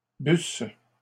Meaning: first-person singular imperfect subjunctive of boire
- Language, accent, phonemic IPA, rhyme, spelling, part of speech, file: French, Canada, /bys/, -ys, busse, verb, LL-Q150 (fra)-busse.wav